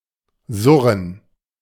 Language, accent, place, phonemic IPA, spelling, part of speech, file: German, Germany, Berlin, /ˈzʊʁən/, surren, verb, De-surren.ogg
- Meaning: to buzz, whirr (make a dark, vibrating, metallic sound)